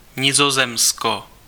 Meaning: Netherlands (the main constituent country of the Kingdom of the Netherlands, located primarily in Western Europe bordering Germany and Belgium)
- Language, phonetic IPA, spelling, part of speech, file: Czech, [ˈɲɪzozɛmsko], Nizozemsko, proper noun, Cs-Nizozemsko.ogg